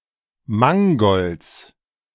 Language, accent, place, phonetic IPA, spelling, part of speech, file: German, Germany, Berlin, [ˈmaŋɡɔlt͡s], Mangolds, noun, De-Mangolds.ogg
- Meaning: genitive singular of Mangold